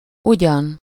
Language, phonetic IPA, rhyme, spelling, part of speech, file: Hungarian, [ˈuɟɒn], -ɒn, ugyan, adverb / conjunction / interjection, Hu-ugyan.ogg
- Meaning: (adverb) 1. I wonder…, oh and… 2. at all, by chance 3. for sure (chiefly in negative sentences); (conjunction) although, albeit; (interjection) hell no, no way, not at all (discarding a possibility)